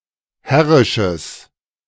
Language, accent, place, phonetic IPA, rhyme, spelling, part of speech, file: German, Germany, Berlin, [ˈhɛʁɪʃəs], -ɛʁɪʃəs, herrisches, adjective, De-herrisches.ogg
- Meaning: strong/mixed nominative/accusative neuter singular of herrisch